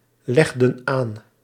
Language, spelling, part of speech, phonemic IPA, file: Dutch, legden aan, verb, /ˈlɛɣdə(n) ˈan/, Nl-legden aan.ogg
- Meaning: inflection of aanleggen: 1. plural past indicative 2. plural past subjunctive